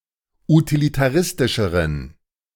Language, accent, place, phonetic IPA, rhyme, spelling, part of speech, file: German, Germany, Berlin, [utilitaˈʁɪstɪʃəʁən], -ɪstɪʃəʁən, utilitaristischeren, adjective, De-utilitaristischeren.ogg
- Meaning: inflection of utilitaristisch: 1. strong genitive masculine/neuter singular comparative degree 2. weak/mixed genitive/dative all-gender singular comparative degree